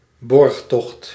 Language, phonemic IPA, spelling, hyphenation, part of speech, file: Dutch, /ˈbɔrx.tɔxt/, borgtocht, borg‧tocht, noun, Nl-borgtocht.ogg
- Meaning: 1. suretyship 2. bail